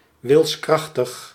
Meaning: displaying or relating to willpower; strong-willed
- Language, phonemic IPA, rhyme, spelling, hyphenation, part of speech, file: Dutch, /ˌʋɪlsˈkrɑx.təx/, -ɑxtəx, wilskrachtig, wils‧krach‧tig, adjective, Nl-wilskrachtig.ogg